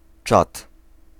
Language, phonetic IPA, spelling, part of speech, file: Polish, [t͡ʃat], czad, noun / interjection, Pl-czad.ogg